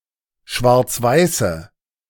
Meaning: inflection of schwarzweiß: 1. strong/mixed nominative/accusative feminine singular 2. strong nominative/accusative plural 3. weak nominative all-gender singular
- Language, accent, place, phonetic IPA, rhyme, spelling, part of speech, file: German, Germany, Berlin, [ˌʃvaʁt͡sˈvaɪ̯sə], -aɪ̯sə, schwarzweiße, adjective, De-schwarzweiße.ogg